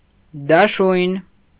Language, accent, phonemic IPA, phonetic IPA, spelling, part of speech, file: Armenian, Eastern Armenian, /dɑˈʃujn/, [dɑʃújn], դաշույն, noun, Hy-դաշույն.ogg
- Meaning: dagger